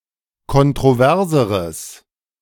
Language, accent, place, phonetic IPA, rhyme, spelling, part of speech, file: German, Germany, Berlin, [kɔntʁoˈvɛʁzəʁəs], -ɛʁzəʁəs, kontroverseres, adjective, De-kontroverseres.ogg
- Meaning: strong/mixed nominative/accusative neuter singular comparative degree of kontrovers